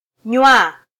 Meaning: to drink
- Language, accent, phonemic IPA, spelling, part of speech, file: Swahili, Kenya, /ɲʷɑ/, nywa, verb, Sw-ke-nywa.flac